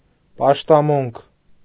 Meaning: worship; cult
- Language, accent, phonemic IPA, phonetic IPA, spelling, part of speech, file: Armenian, Eastern Armenian, /pɑʃtɑˈmunkʰ/, [pɑʃtɑmúŋkʰ], պաշտամունք, noun, Hy-պաշտամունք.ogg